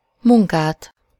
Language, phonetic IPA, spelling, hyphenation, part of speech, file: Hungarian, [ˈmuŋkaːt], munkát, mun‧kát, noun, Hu-munkát.ogg
- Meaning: accusative singular of munka